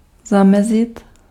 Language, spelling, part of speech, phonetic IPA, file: Czech, zamezit, verb, [ˈzamɛzɪt], Cs-zamezit.ogg
- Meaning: to prevent